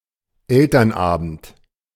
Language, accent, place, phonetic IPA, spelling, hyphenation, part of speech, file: German, Germany, Berlin, [ˈɛltɐnˌʔaːbn̩t], Elternabend, El‧tern‧abend, noun, De-Elternabend.ogg
- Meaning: parent-teacher conference night